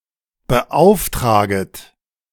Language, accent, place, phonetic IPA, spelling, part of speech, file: German, Germany, Berlin, [bəˈʔaʊ̯fˌtʁaːɡət], beauftraget, verb, De-beauftraget.ogg
- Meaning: second-person plural subjunctive I of beauftragen